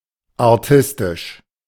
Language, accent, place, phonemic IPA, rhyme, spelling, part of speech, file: German, Germany, Berlin, /aʁˈtɪstɪʃ/, -ɪstɪʃ, artistisch, adjective, De-artistisch.ogg
- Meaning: 1. physical performance (as in a circus); acrobatic; dexterous 2. requiring extreme skill or wit; artistic; mind-boggling